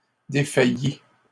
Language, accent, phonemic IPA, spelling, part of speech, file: French, Canada, /de.fa.ji/, défaillît, verb, LL-Q150 (fra)-défaillît.wav
- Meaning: third-person singular imperfect subjunctive of défaillir